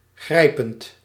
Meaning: present participle of grijpen
- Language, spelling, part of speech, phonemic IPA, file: Dutch, grijpend, verb, /ˈɣrɛi̯pənt/, Nl-grijpend.ogg